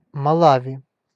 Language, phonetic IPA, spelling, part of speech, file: Russian, [mɐˈɫavʲɪ], Малави, proper noun, Ru-Малави.ogg
- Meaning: Malawi (a country in Southern Africa)